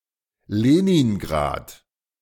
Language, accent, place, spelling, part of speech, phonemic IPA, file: German, Germany, Berlin, Leningrad, proper noun, /ˈleːniŋˌɡʁaːt/, De-Leningrad.ogg
- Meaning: Leningrad (a major city in Russia), now Saint Petersburg